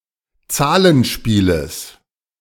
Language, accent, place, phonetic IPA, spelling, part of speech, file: German, Germany, Berlin, [ˈt͡saːlənˌʃpiːləs], Zahlenspieles, noun, De-Zahlenspieles.ogg
- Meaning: genitive of Zahlenspiel